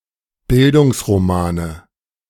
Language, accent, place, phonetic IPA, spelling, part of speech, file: German, Germany, Berlin, [ˈbɪldʊŋsʁoˌmaːnə], Bildungsromane, noun, De-Bildungsromane.ogg
- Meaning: nominative/accusative/genitive plural of Bildungsroman